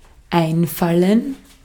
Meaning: to occur (to someone), to come (to someone); to come to mind [with dative ‘to someone’] (idiomatically translated by English think of with the dative object as the subject)
- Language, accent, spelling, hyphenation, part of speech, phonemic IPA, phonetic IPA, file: German, Austria, einfallen, ein‧fal‧len, verb, /ˈaɪ̯nˌfalən/, [ˈʔaɪ̯nˌfaln̩], De-at-einfallen.ogg